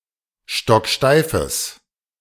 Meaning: strong/mixed nominative/accusative neuter singular of stocksteif
- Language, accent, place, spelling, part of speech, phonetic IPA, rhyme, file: German, Germany, Berlin, stocksteifes, adjective, [ˌʃtɔkˈʃtaɪ̯fəs], -aɪ̯fəs, De-stocksteifes.ogg